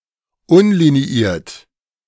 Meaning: alternative form of unliniert
- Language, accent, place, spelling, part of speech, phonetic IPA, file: German, Germany, Berlin, unliniiert, adjective, [ˈʊnliniˌiːɐ̯t], De-unliniiert.ogg